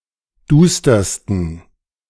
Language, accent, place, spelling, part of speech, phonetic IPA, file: German, Germany, Berlin, dustersten, adjective, [ˈduːstɐstn̩], De-dustersten.ogg
- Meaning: 1. superlative degree of duster 2. inflection of duster: strong genitive masculine/neuter singular superlative degree